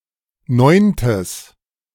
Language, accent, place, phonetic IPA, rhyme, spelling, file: German, Germany, Berlin, [ˈnɔɪ̯ntəs], -ɔɪ̯ntəs, neuntes, De-neuntes.ogg
- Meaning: strong/mixed nominative/accusative neuter singular of neunte